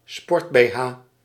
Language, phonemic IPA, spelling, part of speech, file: Dutch, /ˈspɔrt.beːˌɦaː/, sport-bh, noun, Nl-sport-bh.ogg
- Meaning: a sports bra